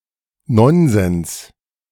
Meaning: rubbish, nonsense
- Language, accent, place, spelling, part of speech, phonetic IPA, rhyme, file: German, Germany, Berlin, Nonsens, noun, [ˈnɔnzɛns], -ɔnzɛns, De-Nonsens.ogg